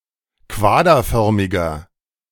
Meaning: inflection of quaderförmig: 1. strong/mixed nominative masculine singular 2. strong genitive/dative feminine singular 3. strong genitive plural
- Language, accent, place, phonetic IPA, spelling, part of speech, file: German, Germany, Berlin, [ˈkvaːdɐˌfœʁmɪɡɐ], quaderförmiger, adjective, De-quaderförmiger.ogg